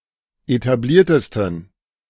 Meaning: 1. superlative degree of etabliert 2. inflection of etabliert: strong genitive masculine/neuter singular superlative degree
- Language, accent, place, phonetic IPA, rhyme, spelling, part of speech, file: German, Germany, Berlin, [etaˈbliːɐ̯təstn̩], -iːɐ̯təstn̩, etabliertesten, adjective, De-etabliertesten.ogg